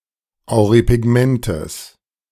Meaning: genitive singular of Auripigment
- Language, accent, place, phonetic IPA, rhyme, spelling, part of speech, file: German, Germany, Berlin, [aʊ̯ʁipɪˈɡmɛntəs], -ɛntəs, Auripigmentes, noun, De-Auripigmentes.ogg